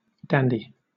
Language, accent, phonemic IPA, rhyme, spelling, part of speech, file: English, Southern England, /ˈdæn.di/, -ændi, dandy, noun / adjective, LL-Q1860 (eng)-dandy.wav
- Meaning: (noun) 1. A man very concerned about his physical appearance, refined language, and leisurely hobbies, pursued with the appearance of nonchalance in a cult of self 2. Something excellent in its class